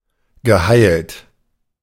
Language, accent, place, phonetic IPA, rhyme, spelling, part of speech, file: German, Germany, Berlin, [ɡəˈhaɪ̯lt], -aɪ̯lt, geheilt, verb, De-geheilt.ogg
- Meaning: past participle of heilen